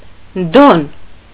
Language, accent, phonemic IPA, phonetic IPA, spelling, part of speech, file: Armenian, Eastern Armenian, /don/, [don], դոն, noun, Hy-դոն.ogg
- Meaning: kind of longish bread